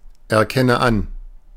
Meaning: inflection of anerkennen: 1. first-person singular present 2. first/third-person singular subjunctive I 3. singular imperative
- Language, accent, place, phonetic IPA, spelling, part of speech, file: German, Germany, Berlin, [ɛɐ̯ˌkɛnə ˈan], erkenne an, verb, De-erkenne an.ogg